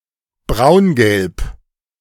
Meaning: brownish yellow, buff
- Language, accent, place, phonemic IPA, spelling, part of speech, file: German, Germany, Berlin, /ˈbʁaʊ̯nɡɛlp/, braungelb, adjective, De-braungelb.ogg